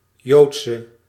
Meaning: inflection of joods: 1. masculine/feminine singular attributive 2. definite neuter singular attributive 3. plural attributive
- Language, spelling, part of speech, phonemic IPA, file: Dutch, joodse, adjective, /ˈjotsə/, Nl-joodse.ogg